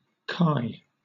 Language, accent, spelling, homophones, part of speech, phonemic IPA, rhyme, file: English, Southern England, kye, Kai, noun, /kaɪ/, -aɪ, LL-Q1860 (eng)-kye.wav
- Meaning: 1. plural of cow 2. Cocoa (the drink)